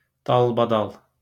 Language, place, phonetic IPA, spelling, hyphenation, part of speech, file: Azerbaijani, Baku, [ˌdɑɫbɑˈdɑɫ], dalbadal, dal‧ba‧dal, adverb, LL-Q9292 (aze)-dalbadal.wav
- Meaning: in a row, in succession, one after another